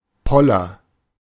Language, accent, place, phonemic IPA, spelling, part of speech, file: German, Germany, Berlin, /ˈpɔlɐ/, Poller, noun, De-Poller.ogg
- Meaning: 1. bollard (short post or pole, typically used to prevent vehicle access) 2. mooring post; bollard